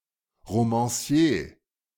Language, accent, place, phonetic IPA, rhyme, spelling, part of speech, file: German, Germany, Berlin, [ʁomɑ̃ˈsi̯eː], -eː, Romancier, noun, De-Romancier.ogg
- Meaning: novelist